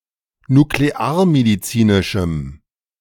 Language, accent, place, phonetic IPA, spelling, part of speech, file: German, Germany, Berlin, [nukleˈaːɐ̯mediˌt͡siːnɪʃm̩], nuklearmedizinischem, adjective, De-nuklearmedizinischem.ogg
- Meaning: strong dative masculine/neuter singular of nuklearmedizinisch